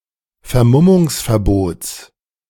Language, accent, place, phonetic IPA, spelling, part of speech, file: German, Germany, Berlin, [fɛɐ̯ˈmʊmʊŋsfɛɐ̯ˌboːt͡s], Vermummungsverbots, noun, De-Vermummungsverbots.ogg
- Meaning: genitive singular of Vermummungsverbot